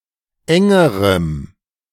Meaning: strong dative masculine/neuter singular comparative degree of eng
- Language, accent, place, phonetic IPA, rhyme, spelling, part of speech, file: German, Germany, Berlin, [ˈɛŋəʁəm], -ɛŋəʁəm, engerem, adjective, De-engerem.ogg